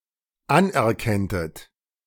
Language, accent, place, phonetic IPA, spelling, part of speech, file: German, Germany, Berlin, [ˈanʔɛɐ̯ˌkɛntət], anerkenntet, verb, De-anerkenntet.ogg
- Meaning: second-person plural dependent subjunctive II of anerkennen